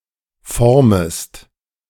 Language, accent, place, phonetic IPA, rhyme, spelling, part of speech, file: German, Germany, Berlin, [ˈfɔʁməst], -ɔʁməst, formest, verb, De-formest.ogg
- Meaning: second-person singular subjunctive I of formen